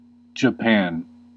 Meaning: 1. A country in East Asia. Capital and largest city: Tokyo 2. An archipelago of East Asia; in full, Japanese archipelago
- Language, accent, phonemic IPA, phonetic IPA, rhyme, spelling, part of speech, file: English, US, /d͡ʒəˈpæn/, [d͡ʒəˈpɛə̯n], -æn, Japan, proper noun, En-us-Japan.ogg